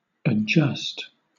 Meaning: 1. To modify 2. To improve or rectify 3. To settle an insurance claim 4. To change to fit circumstances
- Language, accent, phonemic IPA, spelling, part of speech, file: English, Southern England, /əˈd͡ʒʌst/, adjust, verb, LL-Q1860 (eng)-adjust.wav